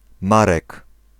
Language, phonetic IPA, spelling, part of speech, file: Polish, [ˈmarɛk], Marek, proper noun, Pl-Marek.ogg